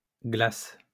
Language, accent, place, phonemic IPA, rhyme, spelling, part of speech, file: French, France, Lyon, /ɡlas/, -as, glaces, noun / verb, LL-Q150 (fra)-glaces.wav
- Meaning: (noun) plural of glace; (verb) second-person singular present indicative/subjunctive of glacer